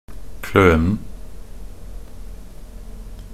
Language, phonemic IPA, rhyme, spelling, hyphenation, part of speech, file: Norwegian Bokmål, /ˈkløːnn̩/, -øːnn̩, klønen, kløn‧en, noun, Nb-klønen.ogg
- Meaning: definite masculine singular of kløne